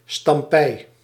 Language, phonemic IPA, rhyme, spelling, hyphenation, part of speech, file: Dutch, /stɑmˈpɛi̯/, -ɛi̯, stampij, stam‧pij, noun, Nl-stampij.ogg
- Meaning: uproar, dissension, discord, concern